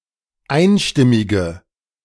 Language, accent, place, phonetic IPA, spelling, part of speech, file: German, Germany, Berlin, [ˈaɪ̯nˌʃtɪmɪɡə], einstimmige, adjective, De-einstimmige.ogg
- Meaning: inflection of einstimmig: 1. strong/mixed nominative/accusative feminine singular 2. strong nominative/accusative plural 3. weak nominative all-gender singular